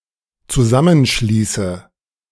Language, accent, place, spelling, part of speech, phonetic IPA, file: German, Germany, Berlin, zusammenschließe, verb, [t͡suˈzamənˌʃliːsə], De-zusammenschließe.ogg
- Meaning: inflection of zusammenschließen: 1. first-person singular dependent present 2. first/third-person singular dependent subjunctive I